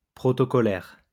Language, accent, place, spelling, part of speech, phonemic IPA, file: French, France, Lyon, protocolaire, adjective, /pʁɔ.tɔ.kɔ.lɛʁ/, LL-Q150 (fra)-protocolaire.wav
- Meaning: 1. protocol 2. formal